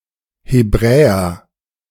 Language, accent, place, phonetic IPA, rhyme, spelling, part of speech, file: German, Germany, Berlin, [heˈbʁɛːɐ], -ɛːɐ, Hebräer, noun, De-Hebräer.ogg
- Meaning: Hebrew (person)